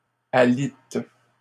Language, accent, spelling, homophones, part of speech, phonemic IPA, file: French, Canada, alitent, alite / alites, verb, /a.lit/, LL-Q150 (fra)-alitent.wav
- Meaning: third-person plural present indicative/subjunctive of aliter